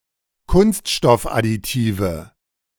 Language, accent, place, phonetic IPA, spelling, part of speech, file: German, Germany, Berlin, [ˈkʊnstʃtɔfʔadiˌtiːvə], Kunststoffadditive, noun, De-Kunststoffadditive.ogg
- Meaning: nominative/accusative/genitive plural of Kunststoffadditiv